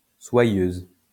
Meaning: feminine singular of soyeux
- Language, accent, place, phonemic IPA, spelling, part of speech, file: French, France, Lyon, /swa.jøz/, soyeuse, adjective, LL-Q150 (fra)-soyeuse.wav